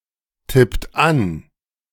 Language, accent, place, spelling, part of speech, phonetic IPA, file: German, Germany, Berlin, tippt an, verb, [ˌtɪpt ˈan], De-tippt an.ogg
- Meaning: inflection of antippen: 1. second-person plural present 2. third-person singular present 3. plural imperative